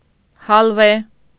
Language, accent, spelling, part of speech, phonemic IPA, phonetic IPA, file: Armenian, Eastern Armenian, հալվե, noun, /hɑlˈve/, [hɑlvé], Hy-հալվե.ogg
- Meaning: 1. aloe (plant) 2. aloeswood, agarwood, agalloch